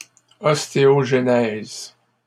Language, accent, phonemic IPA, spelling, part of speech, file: French, Canada, /ɔs.te.ɔʒ.nɛz/, ostéogenèse, noun, LL-Q150 (fra)-ostéogenèse.wav
- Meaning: osteogenesis